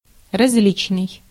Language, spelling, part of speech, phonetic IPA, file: Russian, различный, adjective, [rɐz⁽ʲ⁾ˈlʲit͡ɕnɨj], Ru-различный.ogg
- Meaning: 1. different (not the same) 2. diverse, various